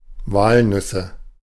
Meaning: nominative/accusative/genitive plural of Walnuss
- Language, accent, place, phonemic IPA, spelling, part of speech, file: German, Germany, Berlin, /ˈvalˌnʏsə/, Walnüsse, noun, De-Walnüsse.ogg